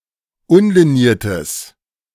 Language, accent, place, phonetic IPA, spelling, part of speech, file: German, Germany, Berlin, [ˈʊnliˌniːɐ̯təs], unliniertes, adjective, De-unliniertes.ogg
- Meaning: strong/mixed nominative/accusative neuter singular of unliniert